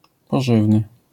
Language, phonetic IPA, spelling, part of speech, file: Polish, [pɔˈʒɨvnɨ], pożywny, adjective, LL-Q809 (pol)-pożywny.wav